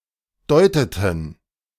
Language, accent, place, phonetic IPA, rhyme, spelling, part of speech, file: German, Germany, Berlin, [ˈdɔɪ̯tətn̩], -ɔɪ̯tətn̩, deuteten, verb, De-deuteten.ogg
- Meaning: inflection of deuten: 1. first/third-person plural preterite 2. first/third-person plural subjunctive II